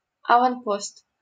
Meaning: outpost
- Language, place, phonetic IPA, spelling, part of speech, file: Russian, Saint Petersburg, [ɐvɐnˈpost], аванпост, noun, LL-Q7737 (rus)-аванпост.wav